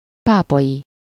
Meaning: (adjective) 1. papal 2. Of, from, or relating to Pápa; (noun) A person from Pápa
- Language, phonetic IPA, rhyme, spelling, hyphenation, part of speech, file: Hungarian, [ˈpaːpɒji], -ji, pápai, pá‧pai, adjective / noun, Hu-pápai.ogg